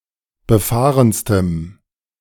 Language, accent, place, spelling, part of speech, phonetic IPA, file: German, Germany, Berlin, befahrenstem, adjective, [bəˈfaːʁənstəm], De-befahrenstem.ogg
- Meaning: strong dative masculine/neuter singular superlative degree of befahren